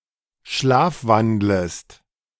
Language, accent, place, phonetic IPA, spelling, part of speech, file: German, Germany, Berlin, [ˈʃlaːfˌvandləst], schlafwandlest, verb, De-schlafwandlest.ogg
- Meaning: second-person singular subjunctive I of schlafwandeln